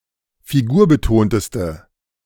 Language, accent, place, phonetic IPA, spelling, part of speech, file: German, Germany, Berlin, [fiˈɡuːɐ̯bəˌtoːntəstə], figurbetonteste, adjective, De-figurbetonteste.ogg
- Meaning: inflection of figurbetont: 1. strong/mixed nominative/accusative feminine singular superlative degree 2. strong nominative/accusative plural superlative degree